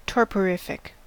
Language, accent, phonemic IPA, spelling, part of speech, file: English, US, /ˌtɔː(ɹ)pəˈɹɪfɪk/, torporific, adjective, En-us-torporific.ogg
- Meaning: Inducing torpor; tending to cause apathy or lethargy